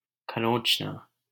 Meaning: to scratch
- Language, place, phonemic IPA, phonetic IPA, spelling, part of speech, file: Hindi, Delhi, /kʰə.ɾõːt͡ʃ.nɑː/, [kʰɐ.ɾõːt͡ʃ.näː], खरोंचना, verb, LL-Q1568 (hin)-खरोंचना.wav